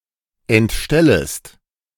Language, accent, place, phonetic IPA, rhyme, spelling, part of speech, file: German, Germany, Berlin, [ɛntˈʃtɛləst], -ɛləst, entstellest, verb, De-entstellest.ogg
- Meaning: second-person singular subjunctive I of entstellen